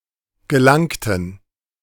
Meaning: inflection of gelangen: 1. first/third-person plural preterite 2. first/third-person plural subjunctive II
- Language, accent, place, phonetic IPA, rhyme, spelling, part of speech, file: German, Germany, Berlin, [ɡəˈlaŋtn̩], -aŋtn̩, gelangten, adjective / verb, De-gelangten.ogg